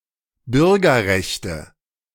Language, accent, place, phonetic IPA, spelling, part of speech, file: German, Germany, Berlin, [ˈbʏʁɡɐˌʁɛçtə], Bürgerrechte, noun, De-Bürgerrechte.ogg
- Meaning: nominative/accusative/genitive plural of Bürgerrecht